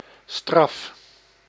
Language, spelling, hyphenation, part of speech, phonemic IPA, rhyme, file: Dutch, straf, straf, noun / verb / adjective, /strɑf/, -ɑf, Nl-straf.ogg
- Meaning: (noun) 1. a punishment, penalty, sanction 2. a discomfort, misfortune; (verb) inflection of straffen: 1. first-person singular present indicative 2. second-person singular present indicative